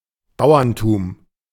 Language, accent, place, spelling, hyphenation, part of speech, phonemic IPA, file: German, Germany, Berlin, Bauerntum, Bau‧ern‧tum, noun, /ˈbaʊ̯ɐntuːm/, De-Bauerntum.ogg
- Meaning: peasantry